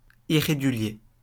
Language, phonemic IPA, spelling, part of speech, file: French, /i.ʁe.ɡy.lje/, irrégulier, adjective, LL-Q150 (fra)-irrégulier.wav
- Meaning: 1. irregular (non-standard) 2. (of a polygon) irregular 3. undependable 4. illegal 5. (of a verb etc.) irregular